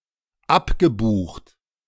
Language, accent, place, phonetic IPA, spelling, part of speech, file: German, Germany, Berlin, [ˈapɡəˌbuːxt], abgebucht, verb, De-abgebucht.ogg
- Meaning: past participle of abbuchen